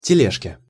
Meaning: dative/prepositional singular of теле́жка (teléžka)
- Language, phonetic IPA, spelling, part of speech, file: Russian, [tʲɪˈlʲeʂkʲe], тележке, noun, Ru-тележке.ogg